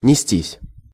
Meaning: 1. to hurtle, to dash, to race, to tear, to scurry (to move rapidly, violently, or without control) 2. to come, (sound) to reach one's ears, to be heard 3. to lay eggs 4. passive of нести́ (nestí)
- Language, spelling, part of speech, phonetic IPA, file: Russian, нестись, verb, [nʲɪˈsʲtʲisʲ], Ru-нестись.ogg